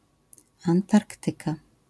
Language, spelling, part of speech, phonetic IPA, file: Polish, Antarktyka, proper noun, [ãnˈtarktɨka], LL-Q809 (pol)-Antarktyka.wav